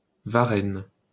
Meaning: Varennes: 1. A placename: several places in France 2. A placename: several places in France: ellipsis of Varennes-en-Argonne: a commune of Meuse department, France
- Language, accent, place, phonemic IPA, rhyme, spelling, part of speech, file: French, France, Paris, /va.ʁɛn/, -ɛn, Varennes, proper noun, LL-Q150 (fra)-Varennes.wav